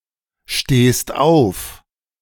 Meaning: second-person singular present of aufstehen
- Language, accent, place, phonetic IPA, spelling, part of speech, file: German, Germany, Berlin, [ˌʃteːst ˈaʊ̯f], stehst auf, verb, De-stehst auf.ogg